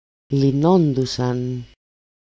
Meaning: third-person plural imperfect passive indicative of λύνω (lýno)
- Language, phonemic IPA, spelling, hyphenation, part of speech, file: Greek, /liˈnondusan/, λυνόντουσαν, λυ‧νό‧ντου‧σαν, verb, El-λυνόντουσαν.ogg